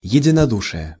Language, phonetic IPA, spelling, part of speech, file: Russian, [(j)ɪdʲɪnɐˈduʂɨjə], единодушия, noun, Ru-единодушия.ogg
- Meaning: inflection of единоду́шие (jedinodúšije): 1. genitive singular 2. nominative/accusative plural